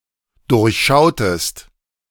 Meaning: inflection of durchschauen: 1. second-person singular dependent preterite 2. second-person singular dependent subjunctive II
- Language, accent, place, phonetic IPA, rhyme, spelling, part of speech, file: German, Germany, Berlin, [ˌdʊʁçˈʃaʊ̯təst], -aʊ̯təst, durchschautest, verb, De-durchschautest.ogg